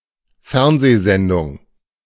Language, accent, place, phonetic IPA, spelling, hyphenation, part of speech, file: German, Germany, Berlin, [ˈfɛʁnzeːˌzɛndʊŋ], Fernsehsendung, Fern‧seh‧sen‧dung, noun, De-Fernsehsendung.ogg
- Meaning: television program, television show